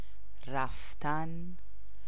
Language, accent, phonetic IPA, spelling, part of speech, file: Persian, Iran, [ɹæf.t̪ʰǽn], رفتن, verb, Fa-رفتن.ogg
- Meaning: 1. to go 2. to leave 3. to depart 4. to pass away, to die